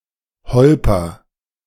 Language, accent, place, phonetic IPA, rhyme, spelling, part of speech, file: German, Germany, Berlin, [ˈhɔlpɐ], -ɔlpɐ, holper, verb, De-holper.ogg
- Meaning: inflection of holpern: 1. first-person singular present 2. singular imperative